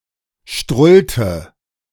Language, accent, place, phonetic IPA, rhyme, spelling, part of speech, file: German, Germany, Berlin, [ˈʃtʁʊltə], -ʊltə, strullte, verb, De-strullte.ogg
- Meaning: inflection of strullen: 1. first/third-person singular preterite 2. first/third-person singular subjunctive II